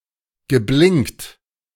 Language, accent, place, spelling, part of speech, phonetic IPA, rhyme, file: German, Germany, Berlin, geblinkt, verb, [ɡəˈblɪŋkt], -ɪŋkt, De-geblinkt.ogg
- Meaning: past participle of blinken